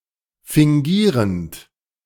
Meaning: present participle of fingieren
- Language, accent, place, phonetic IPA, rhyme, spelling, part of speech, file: German, Germany, Berlin, [fɪŋˈɡiːʁənt], -iːʁənt, fingierend, verb, De-fingierend.ogg